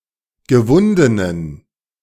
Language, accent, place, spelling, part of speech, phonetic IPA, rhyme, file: German, Germany, Berlin, gewundenen, adjective, [ɡəˈvʊndənən], -ʊndənən, De-gewundenen.ogg
- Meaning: inflection of gewunden: 1. strong genitive masculine/neuter singular 2. weak/mixed genitive/dative all-gender singular 3. strong/weak/mixed accusative masculine singular 4. strong dative plural